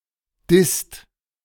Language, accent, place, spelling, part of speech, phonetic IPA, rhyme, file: German, Germany, Berlin, disst, verb, [dɪst], -ɪst, De-disst.ogg
- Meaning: inflection of dissen: 1. second/third-person singular present 2. second-person plural present 3. plural imperative